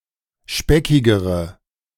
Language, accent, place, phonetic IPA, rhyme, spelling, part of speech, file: German, Germany, Berlin, [ˈʃpɛkɪɡəʁə], -ɛkɪɡəʁə, speckigere, adjective, De-speckigere.ogg
- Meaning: inflection of speckig: 1. strong/mixed nominative/accusative feminine singular comparative degree 2. strong nominative/accusative plural comparative degree